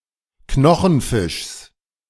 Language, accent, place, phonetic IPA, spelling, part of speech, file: German, Germany, Berlin, [ˈknɔxn̩ˌfɪʃs], Knochenfischs, noun, De-Knochenfischs.ogg
- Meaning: genitive of Knochenfisch